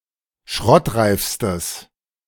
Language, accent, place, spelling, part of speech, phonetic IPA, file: German, Germany, Berlin, schrottreifstes, adjective, [ˈʃʁɔtˌʁaɪ̯fstəs], De-schrottreifstes.ogg
- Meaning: strong/mixed nominative/accusative neuter singular superlative degree of schrottreif